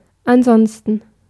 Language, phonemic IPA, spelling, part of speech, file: German, /anˈzɔnstən/, ansonsten, adverb / conjunction, De-ansonsten.ogg
- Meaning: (adverb) otherwise, besides, beyond that, if that happen not; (conjunction) adversative conjunction, otherwise, for else